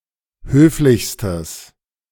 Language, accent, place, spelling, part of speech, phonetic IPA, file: German, Germany, Berlin, höflichstes, adjective, [ˈhøːflɪçstəs], De-höflichstes.ogg
- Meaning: strong/mixed nominative/accusative neuter singular superlative degree of höflich